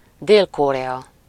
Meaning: South Korea (a country in East Asia)
- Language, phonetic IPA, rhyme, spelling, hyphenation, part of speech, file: Hungarian, [ˈdeːlkorɛɒ], -ɒ, Dél-Korea, Dél-Ko‧rea, proper noun, Hu-Dél-Korea.ogg